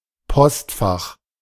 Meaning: post-office box
- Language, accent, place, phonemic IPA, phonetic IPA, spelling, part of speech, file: German, Germany, Berlin, /ˈpɔstˌfaχ/, [ˈpʰɔstˌfaχ], Postfach, noun, De-Postfach.ogg